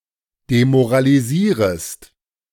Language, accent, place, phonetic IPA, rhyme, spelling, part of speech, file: German, Germany, Berlin, [demoʁaliˈziːʁəst], -iːʁəst, demoralisierest, verb, De-demoralisierest.ogg
- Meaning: second-person singular subjunctive I of demoralisieren